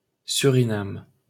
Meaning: alternative spelling of Suriname: Suriname (a country in South America)
- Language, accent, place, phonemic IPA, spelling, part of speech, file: French, France, Paris, /sy.ʁi.nam/, Surinam, proper noun, LL-Q150 (fra)-Surinam.wav